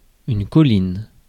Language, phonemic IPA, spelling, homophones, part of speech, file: French, /kɔ.lin/, colline, choline, noun, Fr-colline.ogg
- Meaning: hill, downs